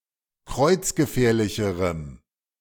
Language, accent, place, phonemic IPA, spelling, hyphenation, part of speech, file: German, Germany, Berlin, /ˈkʁɔɪ̯t͡s̯ɡəˌfɛːɐ̯lɪçəʁəm/, kreuzgefährlicherem, kreuz‧ge‧fähr‧li‧che‧rem, adjective, De-kreuzgefährlicherem.ogg
- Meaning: strong dative masculine/neuter singular comparative degree of kreuzgefährlich